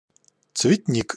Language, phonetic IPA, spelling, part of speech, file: Russian, [t͡svʲɪtʲˈnʲik], цветник, noun, Ru-цветник.ogg
- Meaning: 1. flower garden, parterre, flowerbed 2. a bevy of beautiful women